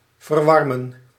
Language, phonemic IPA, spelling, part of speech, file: Dutch, /vərˈwɑrmə(n)/, verwarmen, verb, Nl-verwarmen.ogg
- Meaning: to heat, warm